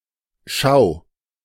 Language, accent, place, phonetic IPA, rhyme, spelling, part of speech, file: German, Germany, Berlin, [ʃaʊ̯], -aʊ̯, schau, adjective / verb, De-schau.ogg
- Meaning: singular imperative of schauen